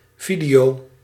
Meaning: 1. video, movie (regardless of medium) 2. videotape 3. video, video signal or the visual element of a medium 4. movie which is on a video tape 5. video recorder
- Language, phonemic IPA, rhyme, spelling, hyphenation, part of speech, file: Dutch, /ˈvi.di.oː/, -idioː, video, vi‧deo, noun, Nl-video.ogg